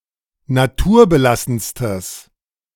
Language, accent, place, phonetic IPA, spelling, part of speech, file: German, Germany, Berlin, [naˈtuːɐ̯bəˌlasn̩stəs], naturbelassenstes, adjective, De-naturbelassenstes.ogg
- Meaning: strong/mixed nominative/accusative neuter singular superlative degree of naturbelassen